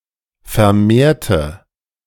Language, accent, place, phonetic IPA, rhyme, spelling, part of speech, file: German, Germany, Berlin, [fɛɐ̯ˈmeːɐ̯tə], -eːɐ̯tə, vermehrte, adjective / verb, De-vermehrte.ogg
- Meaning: inflection of vermehrt: 1. strong/mixed nominative/accusative feminine singular 2. strong nominative/accusative plural 3. weak nominative all-gender singular